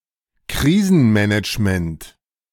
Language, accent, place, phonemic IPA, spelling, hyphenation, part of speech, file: German, Germany, Berlin, /ˈkʁiːzənˌmɛnɪt͡ʃmənt/, Krisenmanagement, Kri‧sen‧ma‧nage‧ment, noun, De-Krisenmanagement.ogg
- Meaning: crisis management (process by which an organization deals with a disruptive event that may cause harm)